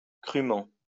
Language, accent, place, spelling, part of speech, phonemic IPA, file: French, France, Lyon, crument, adverb, /kʁy.mɑ̃/, LL-Q150 (fra)-crument.wav
- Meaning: post-1990 spelling of crûment